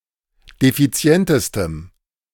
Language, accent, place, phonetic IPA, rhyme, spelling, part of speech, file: German, Germany, Berlin, [defiˈt͡si̯ɛntəstəm], -ɛntəstəm, defizientestem, adjective, De-defizientestem.ogg
- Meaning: strong dative masculine/neuter singular superlative degree of defizient